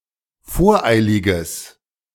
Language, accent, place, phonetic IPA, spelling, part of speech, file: German, Germany, Berlin, [ˈfoːɐ̯ˌʔaɪ̯lɪɡəs], voreiliges, adjective, De-voreiliges.ogg
- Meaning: strong/mixed nominative/accusative neuter singular of voreilig